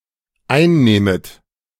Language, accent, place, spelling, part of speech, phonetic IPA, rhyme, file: German, Germany, Berlin, einnehmet, verb, [ˈaɪ̯nˌneːmət], -aɪ̯nneːmət, De-einnehmet.ogg
- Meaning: second-person plural dependent subjunctive I of einnehmen